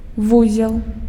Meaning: 1. knot, bundle 2. junction 3. node 4. center, centre, hub 5. ganglion 6. knot (unit of speed)
- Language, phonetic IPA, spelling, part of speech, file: Belarusian, [ˈvuzʲeɫ], вузел, noun, Be-вузел.ogg